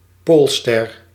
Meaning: pole star
- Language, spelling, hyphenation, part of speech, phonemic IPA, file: Dutch, poolster, pool‧ster, noun, /ˈpoːl.stɛr/, Nl-poolster.ogg